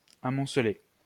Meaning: 1. to build up; to accumulate 2. to pile up
- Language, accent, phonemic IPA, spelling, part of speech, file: French, France, /a.mɔ̃.sle/, amonceler, verb, LL-Q150 (fra)-amonceler.wav